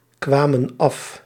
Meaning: inflection of afkomen: 1. plural past indicative 2. plural past subjunctive
- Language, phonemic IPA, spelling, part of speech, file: Dutch, /ˈkwamə(n) ˈɑf/, kwamen af, verb, Nl-kwamen af.ogg